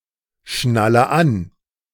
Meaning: inflection of anschnallen: 1. first-person singular present 2. first/third-person singular subjunctive I 3. singular imperative
- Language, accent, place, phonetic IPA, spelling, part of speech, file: German, Germany, Berlin, [ˌʃnalə ˈan], schnalle an, verb, De-schnalle an.ogg